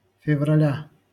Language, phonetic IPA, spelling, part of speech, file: Russian, [fʲɪvrɐˈlʲa], февраля, noun, LL-Q7737 (rus)-февраля.wav
- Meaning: genitive singular of февра́ль (fevrálʹ)